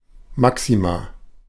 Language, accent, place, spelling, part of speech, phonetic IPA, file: German, Germany, Berlin, Maxima, noun, [ˈmaksima], De-Maxima.ogg
- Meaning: plural of Maximum